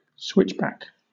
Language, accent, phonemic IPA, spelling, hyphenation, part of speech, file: English, Southern England, /ˈswɪt͡ʃbæk/, switchback, switch‧back, noun / verb, LL-Q1860 (eng)-switchback.wav
- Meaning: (noun) A railway track on a steep slope in a zigzag formation, in which a train travels in a reverse direction at each switch